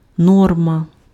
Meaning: 1. norm, standard, rule 2. rate, quota
- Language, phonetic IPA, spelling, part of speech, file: Ukrainian, [ˈnɔrmɐ], норма, noun, Uk-норма.ogg